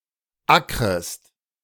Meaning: second-person singular subjunctive I of ackern
- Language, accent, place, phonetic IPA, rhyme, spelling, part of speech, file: German, Germany, Berlin, [ˈakʁəst], -akʁəst, ackrest, verb, De-ackrest.ogg